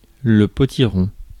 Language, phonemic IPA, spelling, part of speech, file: French, /pɔ.ti.ʁɔ̃/, potiron, noun, Fr-potiron.ogg
- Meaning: 1. pumpkin 2. winter squash